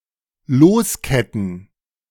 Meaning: to unchain
- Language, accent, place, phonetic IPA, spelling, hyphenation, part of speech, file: German, Germany, Berlin, [ˈloːsˌkɛtn̩], losketten, los‧ket‧ten, verb, De-losketten.ogg